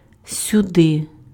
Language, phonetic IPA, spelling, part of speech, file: Ukrainian, [sʲʊˈdɪ], сюди, adverb, Uk-сюди.ogg
- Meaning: 1. here, hither 2. this way